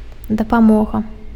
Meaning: help
- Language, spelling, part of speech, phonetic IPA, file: Belarusian, дапамога, noun, [dapaˈmoɣa], Be-дапамога.ogg